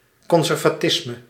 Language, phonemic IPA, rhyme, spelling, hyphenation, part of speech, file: Dutch, /ˌkɔn.zɛr.vaːˈtɪs.mə/, -ɪsmə, conservatisme, con‧ser‧va‧tis‧me, noun, Nl-conservatisme.ogg
- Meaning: conservatism